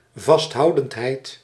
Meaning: relentlessness (condition of being relentless)
- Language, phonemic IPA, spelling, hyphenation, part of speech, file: Dutch, /vɑstˈɦɑu̯.dənt.ɦɛi̯t/, vasthoudendheid, vast‧hou‧dend‧heid, noun, Nl-vasthoudendheid.ogg